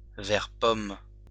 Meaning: apple-green
- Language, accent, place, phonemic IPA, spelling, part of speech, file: French, France, Lyon, /vɛʁ pɔm/, vert pomme, adjective, LL-Q150 (fra)-vert pomme.wav